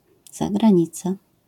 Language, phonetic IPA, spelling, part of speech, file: Polish, [ˌzaɡrãˈɲit͡sa], zagranica, noun, LL-Q809 (pol)-zagranica.wav